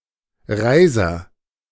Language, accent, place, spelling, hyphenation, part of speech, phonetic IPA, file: German, Germany, Berlin, Reiser, Rei‧ser, proper noun / noun, [ˈʁaɪ̯zɐ], De-Reiser.ogg
- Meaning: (proper noun) a surname; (noun) nominative/accusative/genitive plural of Reis